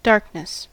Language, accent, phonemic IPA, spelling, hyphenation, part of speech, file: English, General American, /ˈdɑɹk.nɪs/, darkness, dark‧ness, noun, En-us-darkness.ogg
- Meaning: 1. The state of being dark; lack of light; the absolute or comparative absence of light 2. The state or quality of reflecting little light, of tending to a blackish or brownish color